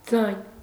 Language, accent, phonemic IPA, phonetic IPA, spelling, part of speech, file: Armenian, Eastern Armenian, /d͡zɑjn/, [d͡zɑjn], ձայն, noun, Hy-ձայն.ogg
- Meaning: 1. sound 2. voice 3. voice (of a singer) 4. sound (of an instrument) 5. voice, melody, tune 6. tone, pitch 7. sound, pronunciation 8. speech, opinion, advice